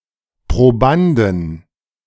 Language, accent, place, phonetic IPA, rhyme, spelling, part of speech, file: German, Germany, Berlin, [pʁoˈbandn̩], -andn̩, Probanden, noun, De-Probanden.ogg
- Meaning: inflection of Proband: 1. genitive/dative/accusative singular 2. nominative/genitive/dative/accusative plural